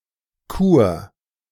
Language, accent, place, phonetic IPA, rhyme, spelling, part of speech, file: German, Germany, Berlin, [kuːɐ̯], -uːɐ̯, Chur, proper noun, De-Chur.ogg
- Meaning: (proper noun) Chur (a town, the capital of Graubünden canton, Switzerland); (noun) archaic spelling of Kur